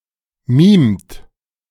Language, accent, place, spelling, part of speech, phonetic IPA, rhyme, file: German, Germany, Berlin, mimt, verb, [miːmt], -iːmt, De-mimt.ogg
- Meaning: inflection of mimen: 1. second-person plural present 2. third-person singular present 3. plural imperative